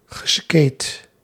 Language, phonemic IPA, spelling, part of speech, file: Dutch, /ɣəˈskeːt/, geskatet, verb, Nl-geskatet.ogg
- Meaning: past participle of skaten